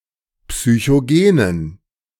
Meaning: inflection of psychogen: 1. strong genitive masculine/neuter singular 2. weak/mixed genitive/dative all-gender singular 3. strong/weak/mixed accusative masculine singular 4. strong dative plural
- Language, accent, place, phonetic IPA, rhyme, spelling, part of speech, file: German, Germany, Berlin, [psyçoˈɡeːnən], -eːnən, psychogenen, adjective, De-psychogenen.ogg